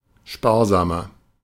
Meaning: 1. comparative degree of sparsam 2. inflection of sparsam: strong/mixed nominative masculine singular 3. inflection of sparsam: strong genitive/dative feminine singular
- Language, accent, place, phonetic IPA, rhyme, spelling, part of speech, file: German, Germany, Berlin, [ˈʃpaːɐ̯ˌzaːmɐ], -aːɐ̯zaːmɐ, sparsamer, adjective, De-sparsamer.ogg